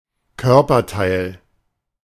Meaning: body part
- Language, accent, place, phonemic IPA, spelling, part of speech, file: German, Germany, Berlin, /ˈkœʁpɐˌtaɪ̯l/, Körperteil, noun, De-Körperteil.ogg